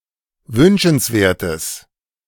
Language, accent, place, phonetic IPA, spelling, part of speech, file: German, Germany, Berlin, [ˈvʏnʃn̩sˌveːɐ̯təs], wünschenswertes, adjective, De-wünschenswertes.ogg
- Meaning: strong/mixed nominative/accusative neuter singular of wünschenswert